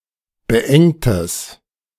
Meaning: strong/mixed nominative/accusative neuter singular of beengt
- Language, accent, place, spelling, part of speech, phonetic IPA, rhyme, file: German, Germany, Berlin, beengtes, adjective, [bəˈʔɛŋtəs], -ɛŋtəs, De-beengtes.ogg